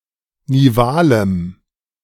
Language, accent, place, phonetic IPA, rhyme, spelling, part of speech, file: German, Germany, Berlin, [niˈvaːləm], -aːləm, nivalem, adjective, De-nivalem.ogg
- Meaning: strong dative masculine/neuter singular of nival